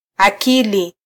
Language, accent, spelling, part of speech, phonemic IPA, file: Swahili, Kenya, akili, noun, /ɑˈki.li/, Sw-ke-akili.flac
- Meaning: 1. mind 2. common sense